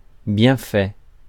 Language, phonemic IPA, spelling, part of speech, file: French, /bjɛ̃.fɛ/, bienfait, noun, Fr-bienfait.ogg
- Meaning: 1. kindness, favour, good deed 2. benefit, advantage